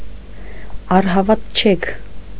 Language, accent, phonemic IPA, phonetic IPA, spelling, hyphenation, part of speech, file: Armenian, Eastern Armenian, /ɑrhɑvɑtˈt͡ʃʰekʰ/, [ɑrhɑvɑt̚t͡ʃʰékʰ], առհավատչեք, առ‧հա‧վատ‧չեք, noun, Hy-առհավատչեք.ogg
- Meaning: alternative form of առհավատչյա (aṙhavatčʻya)